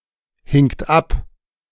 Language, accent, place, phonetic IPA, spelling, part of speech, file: German, Germany, Berlin, [ˌhɪŋt ˈap], hingt ab, verb, De-hingt ab.ogg
- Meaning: second-person plural preterite of abhängen